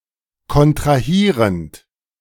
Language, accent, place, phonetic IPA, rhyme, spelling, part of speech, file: German, Germany, Berlin, [kɔntʁaˈhiːʁənt], -iːʁənt, kontrahierend, verb, De-kontrahierend.ogg
- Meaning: present participle of kontrahieren